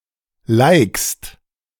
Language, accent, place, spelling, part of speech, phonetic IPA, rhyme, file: German, Germany, Berlin, likst, verb, [laɪ̯kst], -aɪ̯kst, De-likst.ogg
- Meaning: second-person singular present of liken